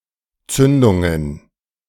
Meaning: plural of Zündung
- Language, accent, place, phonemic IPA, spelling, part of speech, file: German, Germany, Berlin, /ˈtsʏndʊŋən/, Zündungen, noun, De-Zündungen.ogg